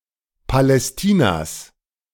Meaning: genitive singular of Palästina
- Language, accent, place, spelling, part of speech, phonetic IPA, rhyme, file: German, Germany, Berlin, Palästinas, noun, [palɛsˈtiːnas], -iːnas, De-Palästinas.ogg